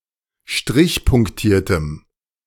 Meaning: strong dative masculine/neuter singular of strichpunktiert
- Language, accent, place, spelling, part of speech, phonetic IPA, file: German, Germany, Berlin, strichpunktiertem, adjective, [ˈʃtʁɪçpʊŋkˌtiːɐ̯təm], De-strichpunktiertem.ogg